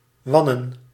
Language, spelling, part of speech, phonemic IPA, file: Dutch, wannen, verb / noun, /ˈʋɑnə(n)/, Nl-wannen.ogg
- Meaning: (verb) to winnow; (noun) plural of wan